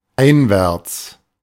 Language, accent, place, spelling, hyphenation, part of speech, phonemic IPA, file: German, Germany, Berlin, einwärts, ein‧wärts, adverb, /ˈaɪ̯nˌvɛʁt͡s/, De-einwärts.ogg
- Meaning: inwards